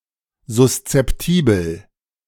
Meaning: susceptible
- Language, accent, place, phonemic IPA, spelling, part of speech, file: German, Germany, Berlin, /zʊst͡sɛpˈtiːbl̩/, suszeptibel, adjective, De-suszeptibel.ogg